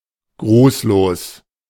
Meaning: without a greeting
- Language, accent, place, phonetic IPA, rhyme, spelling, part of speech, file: German, Germany, Berlin, [ˈɡʁuːsloːs], -uːsloːs, grußlos, adjective, De-grußlos.ogg